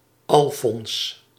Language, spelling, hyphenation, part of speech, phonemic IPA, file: Dutch, Alfons, Al‧fons, proper noun, /ɑlˈfɔns/, Nl-Alfons.ogg
- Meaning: a male given name, equivalent to English Alfonso